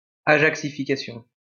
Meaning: Ajaxification
- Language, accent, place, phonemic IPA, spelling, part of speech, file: French, France, Lyon, /a.ʒak.si.fi.ka.sjɔ̃/, ajaxification, noun, LL-Q150 (fra)-ajaxification.wav